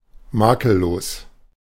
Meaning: flawless, immaculate
- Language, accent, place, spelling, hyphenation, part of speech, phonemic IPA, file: German, Germany, Berlin, makellos, ma‧kel‧los, adjective, /ˈmaːkəˌloːs/, De-makellos.ogg